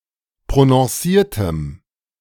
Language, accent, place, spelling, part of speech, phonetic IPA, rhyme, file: German, Germany, Berlin, prononciertem, adjective, [pʁonɔ̃ˈsiːɐ̯təm], -iːɐ̯təm, De-prononciertem.ogg
- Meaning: strong dative masculine/neuter singular of prononciert